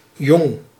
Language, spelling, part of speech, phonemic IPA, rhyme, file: Dutch, jong, adjective / noun / verb, /jɔŋ/, -ɔŋ, Nl-jong.ogg
- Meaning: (adjective) 1. young 2. new; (noun) a young: a young being, especially an immature animal; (verb) inflection of jongen: first-person singular present indicative